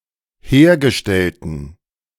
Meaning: inflection of hergestellt: 1. strong genitive masculine/neuter singular 2. weak/mixed genitive/dative all-gender singular 3. strong/weak/mixed accusative masculine singular 4. strong dative plural
- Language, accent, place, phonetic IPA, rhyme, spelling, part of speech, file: German, Germany, Berlin, [ˈheːɐ̯ɡəˌʃtɛltn̩], -eːɐ̯ɡəʃtɛltn̩, hergestellten, adjective, De-hergestellten.ogg